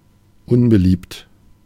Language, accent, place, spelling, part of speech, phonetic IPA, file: German, Germany, Berlin, unbeliebt, adjective, [ˈʊnbəˌliːpt], De-unbeliebt.ogg
- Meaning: unpopular